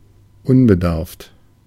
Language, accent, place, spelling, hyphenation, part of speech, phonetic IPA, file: German, Germany, Berlin, unbedarft, un‧be‧darft, adjective, [ˈʊnbəˌdaʁft], De-unbedarft.ogg
- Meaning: 1. clueless 2. inexperienced 3. unexperienced 4. simple-minded, naive